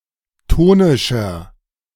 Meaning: inflection of tonisch: 1. strong/mixed nominative masculine singular 2. strong genitive/dative feminine singular 3. strong genitive plural
- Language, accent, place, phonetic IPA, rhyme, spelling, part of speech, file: German, Germany, Berlin, [ˈtoːnɪʃɐ], -oːnɪʃɐ, tonischer, adjective, De-tonischer.ogg